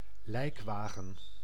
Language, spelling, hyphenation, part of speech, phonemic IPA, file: Dutch, lijkwagen, lijk‧wa‧gen, noun, /ˈlɛɪk.ʋaː.ɣən/, Nl-lijkwagen.ogg
- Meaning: a hearse, a funerary vehicle